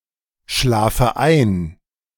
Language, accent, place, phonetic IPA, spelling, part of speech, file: German, Germany, Berlin, [ˌʃlaːfə ˈaɪ̯n], schlafe ein, verb, De-schlafe ein.ogg
- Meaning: inflection of einschlafen: 1. first-person singular present 2. first/third-person singular subjunctive I 3. singular imperative